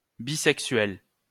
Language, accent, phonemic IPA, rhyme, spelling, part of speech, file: French, France, /bi.sɛk.sɥɛl/, -ɥɛl, bisexuel, adjective / noun, LL-Q150 (fra)-bisexuel.wav
- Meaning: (adjective) bisexual